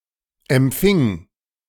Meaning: 1. first/third-person singular preterite of empfangen 2. first/third-person singular preterite of empfahen
- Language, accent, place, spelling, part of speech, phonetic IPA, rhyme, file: German, Germany, Berlin, empfing, verb, [ɛmˈp͡fɪŋ], -ɪŋ, De-empfing.ogg